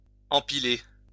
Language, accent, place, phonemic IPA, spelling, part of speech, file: French, France, Lyon, /ɑ̃.pi.le/, empiler, verb, LL-Q150 (fra)-empiler.wav
- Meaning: to pile up